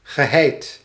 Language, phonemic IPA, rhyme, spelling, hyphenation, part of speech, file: Dutch, /ɣəˈɦɛi̯t/, -ɛi̯t, geheid, ge‧heid, verb / adjective / adverb, Nl-geheid.ogg
- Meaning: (verb) past participle of heien; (adjective) 1. certain, doubtless 2. immovable, strong; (adverb) certainly, surely